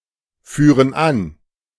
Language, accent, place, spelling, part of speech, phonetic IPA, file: German, Germany, Berlin, führen an, verb, [ˌfyːʁən ˈan], De-führen an.ogg
- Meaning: inflection of anführen: 1. first/third-person plural present 2. first/third-person plural subjunctive I